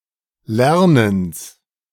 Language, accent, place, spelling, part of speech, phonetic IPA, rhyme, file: German, Germany, Berlin, Lernens, noun, [ˈlɛʁnəns], -ɛʁnəns, De-Lernens.ogg
- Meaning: genitive singular of Lernen